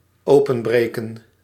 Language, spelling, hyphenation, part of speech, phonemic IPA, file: Dutch, openbreken, open‧bre‧ken, verb, /ˈoː.pə(n)ˌbreː.kə(n)/, Nl-openbreken.ogg
- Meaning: to break open